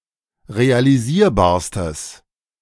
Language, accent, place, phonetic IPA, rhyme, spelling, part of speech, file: German, Germany, Berlin, [ʁealiˈziːɐ̯baːɐ̯stəs], -iːɐ̯baːɐ̯stəs, realisierbarstes, adjective, De-realisierbarstes.ogg
- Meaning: strong/mixed nominative/accusative neuter singular superlative degree of realisierbar